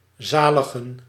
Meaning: to save
- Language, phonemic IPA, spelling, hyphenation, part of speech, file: Dutch, /ˈzaː.lə.ɣə(n)/, zaligen, za‧li‧gen, verb, Nl-zaligen.ogg